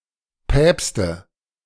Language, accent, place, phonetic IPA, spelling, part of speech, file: German, Germany, Berlin, [ˈpɛːpstn̩], Päpsten, noun, De-Päpsten.ogg
- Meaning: dative plural of Papst